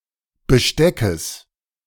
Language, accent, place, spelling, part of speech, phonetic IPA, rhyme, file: German, Germany, Berlin, Besteckes, noun, [bəˈʃtɛkəs], -ɛkəs, De-Besteckes.ogg
- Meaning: genitive singular of Besteck